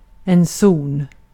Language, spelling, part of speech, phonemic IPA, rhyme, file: Swedish, zon, noun, /suːn/, -uːn, Sv-zon.ogg
- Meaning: zone